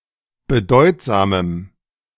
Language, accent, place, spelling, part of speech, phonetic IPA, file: German, Germany, Berlin, bedeutsamem, adjective, [bəˈdɔɪ̯tzaːməm], De-bedeutsamem.ogg
- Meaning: strong dative masculine/neuter singular of bedeutsam